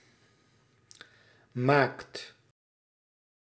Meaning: inflection of maken: 1. second/third-person singular present indicative 2. plural imperative
- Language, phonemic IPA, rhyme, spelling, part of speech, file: Dutch, /maːkt/, -aːkt, maakt, verb, Nl-maakt.ogg